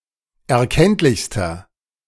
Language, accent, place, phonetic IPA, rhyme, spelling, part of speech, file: German, Germany, Berlin, [ɛɐ̯ˈkɛntlɪçstɐ], -ɛntlɪçstɐ, erkenntlichster, adjective, De-erkenntlichster.ogg
- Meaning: inflection of erkenntlich: 1. strong/mixed nominative masculine singular superlative degree 2. strong genitive/dative feminine singular superlative degree 3. strong genitive plural superlative degree